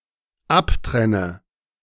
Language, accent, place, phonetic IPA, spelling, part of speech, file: German, Germany, Berlin, [ˈapˌtʁɛnə], abtrenne, verb, De-abtrenne.ogg
- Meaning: inflection of abtrennen: 1. first-person singular dependent present 2. first/third-person singular dependent subjunctive I